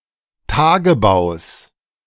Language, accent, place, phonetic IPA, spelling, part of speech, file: German, Germany, Berlin, [ˈtaːɡəbaʊ̯s], Tagebaus, noun, De-Tagebaus.ogg
- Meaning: genitive singular of Tagebau